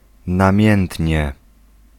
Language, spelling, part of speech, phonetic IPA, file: Polish, namiętnie, adverb, [nãˈmʲjɛ̃ntʲɲɛ], Pl-namiętnie.ogg